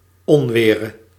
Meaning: singular present subjunctive of onweren
- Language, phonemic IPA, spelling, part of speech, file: Dutch, /ˈɔnʋɪːrə/, onwere, verb, Nl-onwere.ogg